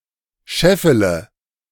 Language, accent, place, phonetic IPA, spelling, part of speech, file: German, Germany, Berlin, [ˈʃɛfələ], scheffele, verb, De-scheffele.ogg
- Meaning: inflection of scheffeln: 1. first-person singular present 2. first/third-person singular subjunctive I 3. singular imperative